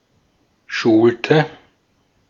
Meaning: inflection of schulen: 1. first/third-person singular preterite 2. first/third-person singular subjunctive II
- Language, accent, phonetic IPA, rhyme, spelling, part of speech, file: German, Austria, [ˈʃuːltə], -uːltə, schulte, verb, De-at-schulte.ogg